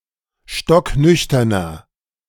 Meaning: inflection of stocknüchtern: 1. strong/mixed nominative masculine singular 2. strong genitive/dative feminine singular 3. strong genitive plural
- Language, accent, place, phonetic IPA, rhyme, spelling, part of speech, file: German, Germany, Berlin, [ˌʃtɔkˈnʏçtɐnɐ], -ʏçtɐnɐ, stocknüchterner, adjective, De-stocknüchterner.ogg